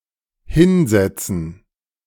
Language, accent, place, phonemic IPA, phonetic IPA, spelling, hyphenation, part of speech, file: German, Germany, Berlin, /ˈhɪnˌzɛtsən/, [ˈhɪnˌzɛtsn̩], hinsetzen, hin‧set‧zen, verb, De-hinsetzen.ogg
- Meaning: 1. to sit down 2. to put, place (in a given position)